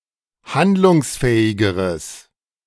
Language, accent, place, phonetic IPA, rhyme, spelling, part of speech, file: German, Germany, Berlin, [ˈhandlʊŋsˌfɛːɪɡəʁəs], -andlʊŋsfɛːɪɡəʁəs, handlungsfähigeres, adjective, De-handlungsfähigeres.ogg
- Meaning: strong/mixed nominative/accusative neuter singular comparative degree of handlungsfähig